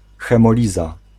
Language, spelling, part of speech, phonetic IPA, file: Polish, hemoliza, noun, [ˌxɛ̃mɔˈlʲiza], Pl-hemoliza.ogg